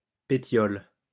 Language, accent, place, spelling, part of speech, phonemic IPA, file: French, France, Lyon, pétiole, noun, /pe.sjɔl/, LL-Q150 (fra)-pétiole.wav
- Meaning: leafstalk, petiole